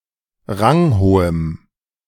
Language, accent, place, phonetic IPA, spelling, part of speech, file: German, Germany, Berlin, [ˈʁaŋˌhoːəm], ranghohem, adjective, De-ranghohem.ogg
- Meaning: strong dative masculine/neuter singular of ranghoch